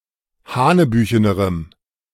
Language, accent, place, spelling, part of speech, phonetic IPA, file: German, Germany, Berlin, hanebüchenerem, adjective, [ˈhaːnəˌbyːçənəʁəm], De-hanebüchenerem.ogg
- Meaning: strong dative masculine/neuter singular comparative degree of hanebüchen